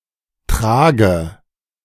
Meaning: 1. stretcher (simple litter designed to carry a sick, injured, or dead person) 2. back carrier
- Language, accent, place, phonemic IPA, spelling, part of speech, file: German, Germany, Berlin, /ˈtʁaːɡə/, Trage, noun, De-Trage.ogg